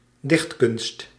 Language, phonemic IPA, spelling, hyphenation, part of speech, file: Dutch, /ˈdɪxt.kʏnst/, dichtkunst, dicht‧kunst, noun, Nl-dichtkunst.ogg
- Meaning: poetry